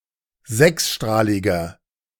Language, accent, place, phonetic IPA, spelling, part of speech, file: German, Germany, Berlin, [ˈzɛksˌʃtʁaːlɪɡɐ], sechsstrahliger, adjective, De-sechsstrahliger.ogg
- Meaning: inflection of sechsstrahlig: 1. strong/mixed nominative masculine singular 2. strong genitive/dative feminine singular 3. strong genitive plural